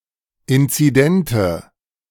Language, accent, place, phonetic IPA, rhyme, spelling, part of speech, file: German, Germany, Berlin, [ˌɪnt͡siˈdɛntə], -ɛntə, inzidente, adjective, De-inzidente.ogg
- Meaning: inflection of inzident: 1. strong/mixed nominative/accusative feminine singular 2. strong nominative/accusative plural 3. weak nominative all-gender singular